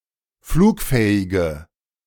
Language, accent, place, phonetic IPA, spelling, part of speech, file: German, Germany, Berlin, [ˈfluːkˌfɛːɪɡə], flugfähige, adjective, De-flugfähige.ogg
- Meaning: inflection of flugfähig: 1. strong/mixed nominative/accusative feminine singular 2. strong nominative/accusative plural 3. weak nominative all-gender singular